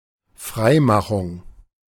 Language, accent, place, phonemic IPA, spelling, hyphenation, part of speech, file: German, Germany, Berlin, /ˈfʁaɪ̯ˌmaxʊŋ/, Freimachung, Frei‧ma‧chung, noun, De-Freimachung.ogg
- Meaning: 1. emancipation 2. franking 3. clearance